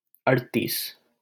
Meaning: thirty-eight
- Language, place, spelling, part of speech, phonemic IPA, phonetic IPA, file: Hindi, Delhi, अड़तीस, numeral, /əɽ.t̪iːs/, [ɐɽ.t̪iːs], LL-Q1568 (hin)-अड़तीस.wav